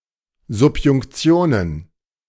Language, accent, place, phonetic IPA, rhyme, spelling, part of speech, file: German, Germany, Berlin, [zʊpjʊŋkˈt͡si̯oːnən], -oːnən, Subjunktionen, noun, De-Subjunktionen.ogg
- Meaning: plural of Subjunktion